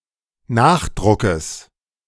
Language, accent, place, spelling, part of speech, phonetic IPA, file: German, Germany, Berlin, Nachdruckes, noun, [ˈnaːxˌdʁʊkəs], De-Nachdruckes.ogg
- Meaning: genitive singular of Nachdruck